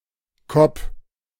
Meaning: 1. alternative form of Kopf (“head”) 2. used to make all kinds of humorous, somewhat negative words for people
- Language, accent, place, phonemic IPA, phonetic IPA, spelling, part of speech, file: German, Germany, Berlin, /kɔp/, [kɔp], Kopp, noun, De-Kopp.ogg